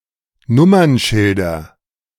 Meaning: nominative/accusative/genitive plural of Nummernschild
- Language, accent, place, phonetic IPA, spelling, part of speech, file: German, Germany, Berlin, [ˈnʊmɐnˌʃɪldɐ], Nummernschilder, noun, De-Nummernschilder.ogg